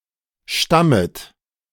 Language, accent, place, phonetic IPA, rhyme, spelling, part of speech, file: German, Germany, Berlin, [ˈʃtamət], -amət, stammet, verb, De-stammet.ogg
- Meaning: second-person plural subjunctive I of stammen